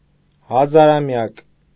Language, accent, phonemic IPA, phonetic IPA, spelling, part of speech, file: Armenian, Eastern Armenian, /hɑzɑɾɑˈmjɑk/, [hɑzɑɾɑmjɑ́k], հազարամյակ, noun, Hy-հազարամյակ.ogg
- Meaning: millennium